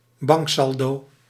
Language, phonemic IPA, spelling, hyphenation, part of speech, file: Dutch, /ˈbɑŋkˌsɑl.doː/, banksaldo, bank‧sal‧do, noun, Nl-banksaldo.ogg
- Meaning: balance on a bank account